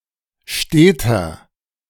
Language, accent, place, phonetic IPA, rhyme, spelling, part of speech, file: German, Germany, Berlin, [ˈʃteːtɐ], -eːtɐ, steter, adjective, De-steter.ogg
- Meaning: inflection of stet: 1. strong/mixed nominative masculine singular 2. strong genitive/dative feminine singular 3. strong genitive plural